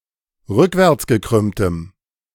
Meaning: strong dative masculine/neuter singular of rückwärtsgekrümmt
- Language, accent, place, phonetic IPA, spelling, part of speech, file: German, Germany, Berlin, [ˈʁʏkvɛʁt͡sɡəˌkʁʏmtəm], rückwärtsgekrümmtem, adjective, De-rückwärtsgekrümmtem.ogg